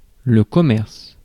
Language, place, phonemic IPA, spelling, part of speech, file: French, Paris, /kɔ.mɛʁs/, commerce, noun, Fr-commerce.ogg
- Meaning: 1. commerce, trade 2. store, shop, trader